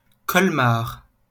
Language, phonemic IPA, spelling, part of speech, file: French, /kɔl.maʁ/, Colmar, proper noun, LL-Q150 (fra)-Colmar.wav
- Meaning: a city in central Alsace, eastern France